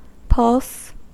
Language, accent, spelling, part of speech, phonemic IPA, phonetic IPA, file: English, General American, pulse, noun / verb, /pʌls/, [pəls], En-us-pulse.ogg
- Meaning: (noun) A normally regular beat felt when arteries near the skin (for example, at the neck or wrist) are depressed, caused by the heart pumping blood through them; the qualitative nature of this beat